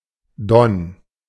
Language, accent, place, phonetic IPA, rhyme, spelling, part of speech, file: German, Germany, Berlin, [dɔn], -ɔn, Don, proper noun, De-Don.ogg
- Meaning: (proper noun) Don (a river, the fifth-longest in Europe, in Tula, Lipetsk, Voronezh, Volgograd and Rostov Oblasts, Russia, flowing 1160 miles to the Sea of Azov)